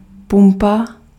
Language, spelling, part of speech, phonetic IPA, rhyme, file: Czech, pumpa, noun, [ˈpumpa], -umpa, Cs-pumpa.ogg
- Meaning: 1. pump (device for moving liquid or gas) 2. gas station